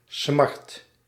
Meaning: pain, sorrow, grief
- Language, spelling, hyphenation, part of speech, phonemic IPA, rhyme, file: Dutch, smart, smart, noun, /smɑrt/, -ɑrt, Nl-smart.ogg